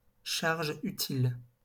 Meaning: payload (all meanings)
- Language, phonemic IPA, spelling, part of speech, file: French, /ʃaʁ.ʒ‿y.til/, charge utile, noun, LL-Q150 (fra)-charge utile.wav